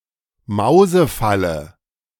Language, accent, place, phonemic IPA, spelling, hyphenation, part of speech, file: German, Germany, Berlin, /ˈmaʊ̯zəˌfalə/, Mausefalle, Mau‧se‧fal‧le, noun, De-Mausefalle.ogg
- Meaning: mousetrap